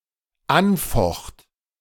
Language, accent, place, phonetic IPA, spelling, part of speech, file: German, Germany, Berlin, [ˈanˌfɔxt], anfocht, verb, De-anfocht.ogg
- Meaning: first/third-person singular dependent preterite of anfechten